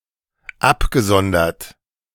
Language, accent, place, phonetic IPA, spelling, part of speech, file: German, Germany, Berlin, [ˈapɡəˌzɔndɐt], abgesondert, verb, De-abgesondert.ogg
- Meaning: past participle of absondern